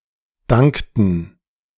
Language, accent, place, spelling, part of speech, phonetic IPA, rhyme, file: German, Germany, Berlin, dankten, verb, [ˈdaŋktn̩], -aŋktn̩, De-dankten.ogg
- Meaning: inflection of danken: 1. first/third-person plural preterite 2. first/third-person plural subjunctive II